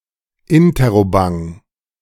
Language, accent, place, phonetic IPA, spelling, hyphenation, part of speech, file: German, Germany, Berlin, [ˈɪntəʁoˌbaŋ], Interrobang, In‧ter‧ro‧bang, noun, De-Interrobang.ogg
- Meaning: interrobang (the punctuation mark ‽)